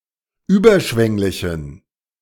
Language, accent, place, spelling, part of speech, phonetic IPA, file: German, Germany, Berlin, überschwänglichen, adjective, [ˈyːbɐˌʃvɛŋlɪçn̩], De-überschwänglichen.ogg
- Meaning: inflection of überschwänglich: 1. strong genitive masculine/neuter singular 2. weak/mixed genitive/dative all-gender singular 3. strong/weak/mixed accusative masculine singular 4. strong dative plural